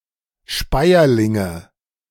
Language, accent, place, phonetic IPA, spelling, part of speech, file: German, Germany, Berlin, [ˈʃpaɪ̯ɐlɪŋə], Speierlinge, noun, De-Speierlinge.ogg
- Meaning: nominative/accusative/genitive plural of Speierling